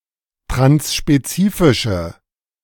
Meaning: inflection of transspezifisch: 1. strong/mixed nominative/accusative feminine singular 2. strong nominative/accusative plural 3. weak nominative all-gender singular
- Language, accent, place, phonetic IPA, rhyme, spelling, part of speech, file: German, Germany, Berlin, [tʁansʃpeˈt͡siːfɪʃə], -iːfɪʃə, transspezifische, adjective, De-transspezifische.ogg